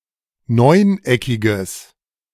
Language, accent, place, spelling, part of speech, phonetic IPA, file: German, Germany, Berlin, neuneckiges, adjective, [ˈnɔɪ̯nˌʔɛkɪɡəs], De-neuneckiges.ogg
- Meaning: strong/mixed nominative/accusative neuter singular of neuneckig